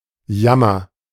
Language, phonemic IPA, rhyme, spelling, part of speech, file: German, /ˈjamɐ/, -amɐ, Jammer, noun, De-Jammer.ogg
- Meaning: misery